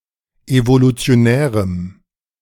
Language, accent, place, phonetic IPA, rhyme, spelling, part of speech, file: German, Germany, Berlin, [ˌevolut͡si̯oˈnɛːʁəm], -ɛːʁəm, evolutionärem, adjective, De-evolutionärem.ogg
- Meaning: strong dative masculine/neuter singular of evolutionär